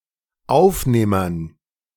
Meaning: dative plural of Aufnehmer
- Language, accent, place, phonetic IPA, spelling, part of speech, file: German, Germany, Berlin, [ˈaʊ̯fˌneːmɐn], Aufnehmern, noun, De-Aufnehmern.ogg